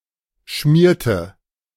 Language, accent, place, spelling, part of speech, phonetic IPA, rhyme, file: German, Germany, Berlin, schmierte, verb, [ˈʃmiːɐ̯tə], -iːɐ̯tə, De-schmierte.ogg
- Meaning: inflection of schmieren: 1. first/third-person singular preterite 2. first/third-person singular subjunctive II